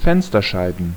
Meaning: plural of Fensterscheibe
- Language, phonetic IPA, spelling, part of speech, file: German, [ˈfɛnstɐˌʃaɪ̯bn̩], Fensterscheiben, noun, De-Fensterscheiben.ogg